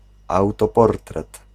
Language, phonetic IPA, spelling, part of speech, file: Polish, [ˌawtɔˈpɔrtrɛt], autoportret, noun, Pl-autoportret.ogg